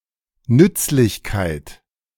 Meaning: usefulness, utility
- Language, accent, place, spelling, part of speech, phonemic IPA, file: German, Germany, Berlin, Nützlichkeit, noun, /ˈnʏtslɪçkaɪ̯t/, De-Nützlichkeit.ogg